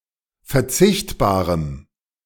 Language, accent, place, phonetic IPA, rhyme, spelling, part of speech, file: German, Germany, Berlin, [fɛɐ̯ˈt͡sɪçtbaːʁəm], -ɪçtbaːʁəm, verzichtbarem, adjective, De-verzichtbarem.ogg
- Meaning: strong dative masculine/neuter singular of verzichtbar